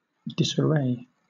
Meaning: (verb) 1. To throw into disorder; to break the array of 2. To take off the dress of; to unrobe; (noun) 1. A lack of array or regular order; disorder; confusion 2. Confused attire; undress; dishabille
- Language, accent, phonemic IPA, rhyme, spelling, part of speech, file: English, Southern England, /dɪsəˈɹeɪ/, -eɪ, disarray, verb / noun, LL-Q1860 (eng)-disarray.wav